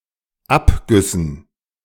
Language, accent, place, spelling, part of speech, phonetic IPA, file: German, Germany, Berlin, Abgüssen, noun, [ˈapɡʏsn̩], De-Abgüssen.ogg
- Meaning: dative plural of Abguss